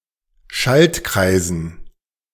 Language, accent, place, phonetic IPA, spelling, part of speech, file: German, Germany, Berlin, [ˈʃaltˌkʁaɪ̯zn̩], Schaltkreisen, noun, De-Schaltkreisen.ogg
- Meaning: dative plural of Schaltkreis